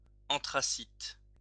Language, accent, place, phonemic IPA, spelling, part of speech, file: French, France, Lyon, /ɑ̃.tʁa.sit/, anthracite, noun, LL-Q150 (fra)-anthracite.wav
- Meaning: anthracite (all senses)